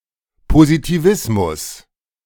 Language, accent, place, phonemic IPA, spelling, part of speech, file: German, Germany, Berlin, /pozitiˈvɪsmʊs/, Positivismus, noun, De-Positivismus.ogg
- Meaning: positivism